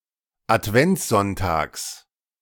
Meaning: genitive singular of Adventssonntag
- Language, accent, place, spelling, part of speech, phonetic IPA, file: German, Germany, Berlin, Adventssonntags, noun, [atˈvɛnt͡sˌzɔntaːks], De-Adventssonntags.ogg